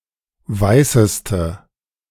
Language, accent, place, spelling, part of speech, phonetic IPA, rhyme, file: German, Germany, Berlin, weißeste, adjective, [ˈvaɪ̯səstə], -aɪ̯səstə, De-weißeste.ogg
- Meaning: inflection of weiß: 1. strong/mixed nominative/accusative feminine singular superlative degree 2. strong nominative/accusative plural superlative degree